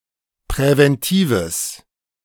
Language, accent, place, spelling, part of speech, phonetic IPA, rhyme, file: German, Germany, Berlin, präventives, adjective, [pʁɛvɛnˈtiːvəs], -iːvəs, De-präventives.ogg
- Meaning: strong/mixed nominative/accusative neuter singular of präventiv